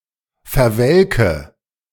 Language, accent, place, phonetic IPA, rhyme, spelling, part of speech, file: German, Germany, Berlin, [fɛɐ̯ˈvɛlkə], -ɛlkə, verwelke, verb, De-verwelke.ogg
- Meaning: inflection of verwelken: 1. first-person singular present 2. singular imperative 3. first/third-person singular subjunctive I